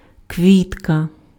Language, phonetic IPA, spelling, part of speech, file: Ukrainian, [ˈkʋʲitkɐ], квітка, noun, Uk-квітка.ogg
- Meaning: flower